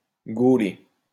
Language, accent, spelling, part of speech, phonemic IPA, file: French, France, gauler, verb, /ɡo.le/, LL-Q150 (fra)-gauler.wav
- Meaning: 1. to beat, beat down (with a pole) 2. to catch